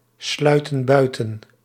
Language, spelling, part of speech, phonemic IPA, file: Dutch, sluiten buiten, verb, /ˈslœytə(n) ˈbœytə(n)/, Nl-sluiten buiten.ogg
- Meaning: inflection of buitensluiten: 1. plural present indicative 2. plural present subjunctive